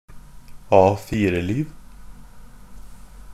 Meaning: a person's life that's lived exactly as society would expect, with all that's expected and nothing outside the norm
- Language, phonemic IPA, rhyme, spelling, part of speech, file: Norwegian Bokmål, /ˈɑːfiːrəliːʋ/, -iːʋ, A4-liv, noun, NB - Pronunciation of Norwegian Bokmål «A4-liv».ogg